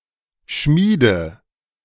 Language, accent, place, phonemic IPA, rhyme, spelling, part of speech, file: German, Germany, Berlin, /ˈʃmiːdə/, -iːdə, Schmiede, noun, De-Schmiede.ogg
- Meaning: 1. forge, smithy (workshop of a smith) 2. nominative/accusative/genitive plural of Schmied